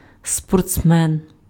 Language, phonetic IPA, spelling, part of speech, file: Ukrainian, [spɔrt͡sˈmɛn], спортсмен, noun, Uk-спортсмен.ogg
- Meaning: athlete, sportsman